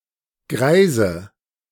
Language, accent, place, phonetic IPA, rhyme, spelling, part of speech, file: German, Germany, Berlin, [ˈɡʁaɪ̯zə], -aɪ̯zə, greise, adjective, De-greise.ogg
- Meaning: inflection of greis: 1. strong/mixed nominative/accusative feminine singular 2. strong nominative/accusative plural 3. weak nominative all-gender singular 4. weak accusative feminine/neuter singular